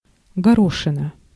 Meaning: 1. pea (seed), singulative of горо́х (goróx) 2. something round and small resembling a pea
- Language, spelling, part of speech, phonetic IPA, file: Russian, горошина, noun, [ɡɐˈroʂɨnə], Ru-горошина.ogg